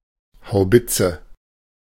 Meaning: howitzer
- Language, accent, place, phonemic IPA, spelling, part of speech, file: German, Germany, Berlin, /haʊ̯ˈbɪt͡sə/, Haubitze, noun, De-Haubitze.ogg